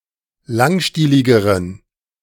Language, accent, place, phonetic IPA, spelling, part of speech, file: German, Germany, Berlin, [ˈlaŋˌʃtiːlɪɡəʁən], langstieligeren, adjective, De-langstieligeren.ogg
- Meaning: inflection of langstielig: 1. strong genitive masculine/neuter singular comparative degree 2. weak/mixed genitive/dative all-gender singular comparative degree